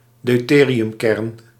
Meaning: deuteron, deuterium nucleus
- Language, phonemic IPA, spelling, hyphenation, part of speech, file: Dutch, /dœy̯ˈteː.ri.ʏmˌkɛrn/, deuteriumkern, deu‧te‧ri‧um‧kern, noun, Nl-deuteriumkern.ogg